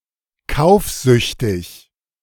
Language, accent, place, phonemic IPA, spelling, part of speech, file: German, Germany, Berlin, /ˈkaʊ̯fˌzʏçtɪç/, kaufsüchtig, adjective, De-kaufsüchtig.ogg
- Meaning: shopaholic